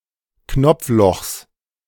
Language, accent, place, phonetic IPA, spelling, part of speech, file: German, Germany, Berlin, [ˈknɔp͡fˌlɔxs], Knopflochs, noun, De-Knopflochs.ogg
- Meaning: genitive singular of Knopfloch